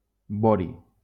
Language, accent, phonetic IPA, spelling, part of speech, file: Catalan, Valencia, [ˈbɔ.ɾi], bohri, noun, LL-Q7026 (cat)-bohri.wav
- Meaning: bohrium